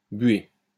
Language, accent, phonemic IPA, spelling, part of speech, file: French, France, /bɥe/, buée, noun, LL-Q150 (fra)-buée.wav
- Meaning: 1. laundry 2. condensation, steam, mist